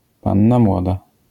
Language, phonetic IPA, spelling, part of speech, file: Polish, [ˈpãnːa ˈmwɔda], panna młoda, noun, LL-Q809 (pol)-panna młoda.wav